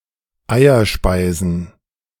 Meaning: plural of Eierspeise
- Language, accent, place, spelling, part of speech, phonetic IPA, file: German, Germany, Berlin, Eierspeisen, noun, [ˈaɪ̯ɐˌʃpaɪ̯zn̩], De-Eierspeisen.ogg